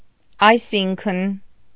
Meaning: meaning, that is to say, in other words, as in
- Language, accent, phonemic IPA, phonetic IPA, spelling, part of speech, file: Armenian, Eastern Armenian, /ɑjˈsinkʰən/, [ɑjsíŋkʰən], այսինքն, conjunction, Hy-այսինքն.ogg